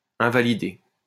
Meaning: to invalidate, void
- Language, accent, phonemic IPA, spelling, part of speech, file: French, France, /ɛ̃.va.li.de/, invalider, verb, LL-Q150 (fra)-invalider.wav